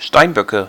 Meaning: nominative/accusative/genitive plural of Steinbock
- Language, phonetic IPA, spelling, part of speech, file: German, [ˈʃtaɪ̯nˌbœkə], Steinböcke, noun, De-Steinböcke.ogg